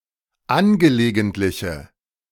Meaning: inflection of angelegentlich: 1. strong/mixed nominative/accusative feminine singular 2. strong nominative/accusative plural 3. weak nominative all-gender singular
- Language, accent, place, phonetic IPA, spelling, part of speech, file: German, Germany, Berlin, [ˈanɡəleːɡəntlɪçə], angelegentliche, adjective, De-angelegentliche.ogg